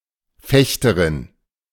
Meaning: female equivalent of Fechter: female fencer
- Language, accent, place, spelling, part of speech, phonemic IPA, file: German, Germany, Berlin, Fechterin, noun, /ˈfɛçtɐʁɪn/, De-Fechterin.ogg